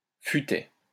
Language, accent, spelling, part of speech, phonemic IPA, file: French, France, futaie, noun, /fy.tɛ/, LL-Q150 (fra)-futaie.wav
- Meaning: cluster of (tall) trees, tall forest